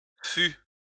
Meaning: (noun) post-1990 spelling of fût; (verb) third-person singular past historic of être
- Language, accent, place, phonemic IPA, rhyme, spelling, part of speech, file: French, France, Lyon, /fy/, -y, fut, noun / verb, LL-Q150 (fra)-fut.wav